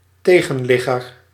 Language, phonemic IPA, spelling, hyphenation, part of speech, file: Dutch, /ˈteː.ɣə(n)ˌlɪ.ɣər/, tegenligger, te‧gen‧lig‧ger, noun, Nl-tegenligger.ogg
- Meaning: 1. oncoming traffic, oncoming traffic user 2. oncoming vessel